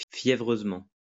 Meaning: feverishly; zealously
- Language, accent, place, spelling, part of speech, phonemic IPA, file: French, France, Lyon, fiévreusement, adverb, /fje.vʁøz.mɑ̃/, LL-Q150 (fra)-fiévreusement.wav